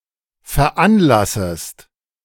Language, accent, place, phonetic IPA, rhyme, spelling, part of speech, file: German, Germany, Berlin, [fɛɐ̯ˈʔanˌlasəst], -anlasəst, veranlassest, verb, De-veranlassest.ogg
- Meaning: second-person singular subjunctive I of veranlassen